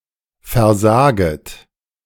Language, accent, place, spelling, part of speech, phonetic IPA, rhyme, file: German, Germany, Berlin, versaget, verb, [fɛɐ̯ˈzaːɡət], -aːɡət, De-versaget.ogg
- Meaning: second-person plural subjunctive I of versagen